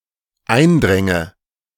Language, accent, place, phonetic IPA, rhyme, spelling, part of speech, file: German, Germany, Berlin, [ˈaɪ̯nˌdʁɛŋə], -aɪ̯ndʁɛŋə, eindränge, verb, De-eindränge.ogg
- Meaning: first/third-person singular dependent subjunctive II of eindringen